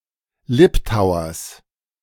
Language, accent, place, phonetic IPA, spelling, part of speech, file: German, Germany, Berlin, [ˈlɪptaʊ̯ɐs], Liptauers, noun, De-Liptauers.ogg
- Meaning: genitive of Liptauer